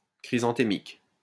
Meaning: chrysanthemic
- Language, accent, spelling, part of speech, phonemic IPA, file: French, France, chrysanthémique, adjective, /kʁi.zɑ̃.te.mik/, LL-Q150 (fra)-chrysanthémique.wav